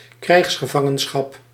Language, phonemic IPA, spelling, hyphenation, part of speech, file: Dutch, /ˈkrɛi̯xs.xəˌvɑ.ŋə(n).sxɑp/, krijgsgevangenschap, krijgs‧ge‧van‧gen‧schap, noun, Nl-krijgsgevangenschap.ogg
- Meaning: captivity as a prisoner of war